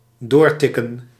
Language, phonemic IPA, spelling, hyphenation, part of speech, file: Dutch, /ˈdoːrˌtɪkə(n)/, doortikken, door‧tik‧ken, verb, Nl-doortikken.ogg
- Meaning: to tick on, to continue ticking